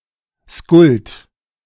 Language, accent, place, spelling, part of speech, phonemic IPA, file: German, Germany, Berlin, Skuld, proper noun, /skʊlt/, De-Skuld.ogg
- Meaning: Skuld